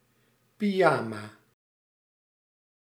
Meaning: pyjamas, a matching set of light material trousers and vest for wearing to bed and sleeping in
- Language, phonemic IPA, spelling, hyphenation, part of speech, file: Dutch, /piˈjaːmaː/, pyjama, py‧ja‧ma, noun, Nl-pyjama.ogg